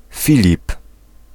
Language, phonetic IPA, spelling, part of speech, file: Polish, [ˈfʲilʲip], Filip, proper noun, Pl-Filip.ogg